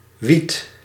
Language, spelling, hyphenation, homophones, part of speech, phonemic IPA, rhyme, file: Dutch, wied, wied, wiedt / wiet, noun, /ʋit/, -it, Nl-wied.ogg
- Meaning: weed